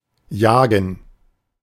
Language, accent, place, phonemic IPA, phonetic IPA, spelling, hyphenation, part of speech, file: German, Germany, Berlin, /ˈjaːɡən/, [ˈjaːɡŋ̩], jagen, ja‧gen, verb, De-jagen.ogg
- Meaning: 1. to hunt (game) 2. to chase, chase after (to follow at speed) 3. to thrust, pierce 4. to rush, hustle